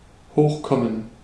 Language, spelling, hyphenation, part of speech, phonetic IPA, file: German, hochkommen, hoch‧kom‧men, verb, [ˈhoːxˌkɔmən], De-hochkommen.ogg
- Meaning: to come up (socially or physically)